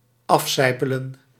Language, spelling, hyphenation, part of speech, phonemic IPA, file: Dutch, afsijpelen, af‧sij‧pe‧len, verb, /ˈɑfˌsɛi̯.pə.lə(n)/, Nl-afsijpelen.ogg
- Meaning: to drip off, to drip down